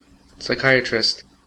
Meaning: A medical doctor specializing in psychiatry
- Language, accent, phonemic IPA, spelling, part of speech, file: English, US, /ˌsaɪˈkaɪ.ə.tɹɪst/, psychiatrist, noun, En-us-psychiatrist.ogg